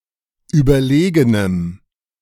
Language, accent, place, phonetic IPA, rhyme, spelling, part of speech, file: German, Germany, Berlin, [ˌyːbɐˈleːɡənəm], -eːɡənəm, überlegenem, adjective, De-überlegenem.ogg
- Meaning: strong dative masculine/neuter singular of überlegen